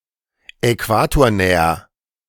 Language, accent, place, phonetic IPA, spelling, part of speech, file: German, Germany, Berlin, [ɛˈkvaːtoːɐ̯ˌnɛːɐ], äquatornäher, adjective, De-äquatornäher.ogg
- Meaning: comparative degree of äquatornah